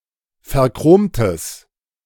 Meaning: strong/mixed nominative/accusative neuter singular of verchromt
- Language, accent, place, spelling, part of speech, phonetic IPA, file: German, Germany, Berlin, verchromtes, adjective, [fɛɐ̯ˈkʁoːmtəs], De-verchromtes.ogg